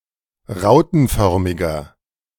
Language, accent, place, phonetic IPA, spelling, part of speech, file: German, Germany, Berlin, [ˈʁaʊ̯tn̩ˌfœʁmɪɡɐ], rautenförmiger, adjective, De-rautenförmiger.ogg
- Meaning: inflection of rautenförmig: 1. strong/mixed nominative masculine singular 2. strong genitive/dative feminine singular 3. strong genitive plural